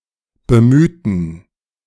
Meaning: inflection of bemühen: 1. first/third-person plural preterite 2. first/third-person plural subjunctive II
- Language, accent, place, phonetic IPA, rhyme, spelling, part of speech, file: German, Germany, Berlin, [bəˈmyːtn̩], -yːtn̩, bemühten, adjective / verb, De-bemühten.ogg